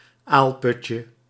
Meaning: diminutive of aalput
- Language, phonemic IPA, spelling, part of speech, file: Dutch, /ˈalpʏtcə/, aalputje, noun, Nl-aalputje.ogg